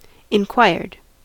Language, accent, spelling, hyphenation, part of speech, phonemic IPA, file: English, US, inquired, in‧quired, verb, /ɪnˈkwaɪɹd/, En-us-inquired.ogg
- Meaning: simple past and past participle of inquire